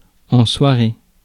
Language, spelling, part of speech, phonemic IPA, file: French, soirée, noun, /swa.ʁe/, Fr-soirée.ogg
- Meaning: 1. evening 2. evening activity, party